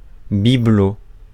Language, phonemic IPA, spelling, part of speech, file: French, /bi.blo/, bibelot, noun, Fr-bibelot.ogg
- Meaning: knick-knack, bauble